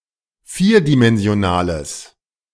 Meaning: inflection of vierdimensional: 1. strong/mixed nominative masculine singular 2. strong genitive/dative feminine singular 3. strong genitive plural
- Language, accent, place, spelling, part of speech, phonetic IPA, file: German, Germany, Berlin, vierdimensionaler, adjective, [ˈfiːɐ̯dimɛnzi̯oˌnaːlɐ], De-vierdimensionaler.ogg